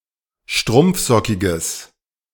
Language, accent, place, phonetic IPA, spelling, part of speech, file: German, Germany, Berlin, [ˈʃtʁʊmp͡fˌzɔkɪɡəs], strumpfsockiges, adjective, De-strumpfsockiges.ogg
- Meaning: strong/mixed nominative/accusative neuter singular of strumpfsockig